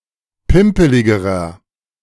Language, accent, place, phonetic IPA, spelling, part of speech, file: German, Germany, Berlin, [ˈpɪmpəlɪɡəʁɐ], pimpeligerer, adjective, De-pimpeligerer.ogg
- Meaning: inflection of pimpelig: 1. strong/mixed nominative masculine singular comparative degree 2. strong genitive/dative feminine singular comparative degree 3. strong genitive plural comparative degree